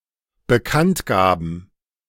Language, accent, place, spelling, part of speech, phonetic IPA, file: German, Germany, Berlin, Bekanntgaben, noun, [bəˈkantˌɡaːbn̩], De-Bekanntgaben.ogg
- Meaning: plural of Bekanntgabe